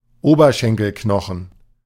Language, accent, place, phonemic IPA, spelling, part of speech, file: German, Germany, Berlin, /ˈoːbɐˌʃɛŋkəlˌknɔxən/, Oberschenkelknochen, noun, De-Oberschenkelknochen.ogg
- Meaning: femur, thighbone